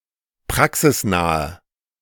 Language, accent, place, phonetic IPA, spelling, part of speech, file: German, Germany, Berlin, [ˈpʁaksɪsˌnaːɐ], praxisnaher, adjective, De-praxisnaher.ogg
- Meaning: 1. comparative degree of praxisnah 2. inflection of praxisnah: strong/mixed nominative masculine singular 3. inflection of praxisnah: strong genitive/dative feminine singular